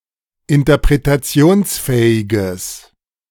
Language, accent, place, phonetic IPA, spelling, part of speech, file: German, Germany, Berlin, [ɪntɐpʁetaˈt͡si̯oːnsˌfɛːɪɡəs], interpretationsfähiges, adjective, De-interpretationsfähiges.ogg
- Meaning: strong/mixed nominative/accusative neuter singular of interpretationsfähig